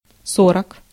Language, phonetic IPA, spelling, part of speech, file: Russian, [ˈsorək], сорок, numeral, Ru-сорок.ogg
- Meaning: forty (40)